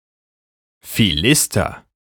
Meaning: 1. provincial 2. Philistine (person who lacks appreciation of art or culture) 3. nonacademic, nonstudent, townsperson
- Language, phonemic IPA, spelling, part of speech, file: German, /fiˈlɪstɐ/, Philister, noun, De-Philister.ogg